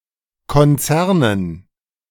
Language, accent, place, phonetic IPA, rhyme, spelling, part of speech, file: German, Germany, Berlin, [kɔnˈt͡sɛʁnən], -ɛʁnən, Konzernen, noun, De-Konzernen.ogg
- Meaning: dative plural of Konzern